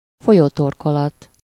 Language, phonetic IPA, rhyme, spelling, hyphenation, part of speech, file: Hungarian, [ˈfojoːtorkolɒt], -ɒt, folyótorkolat, fo‧lyó‧tor‧ko‧lat, noun, Hu-folyótorkolat.ogg
- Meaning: mouth (of river)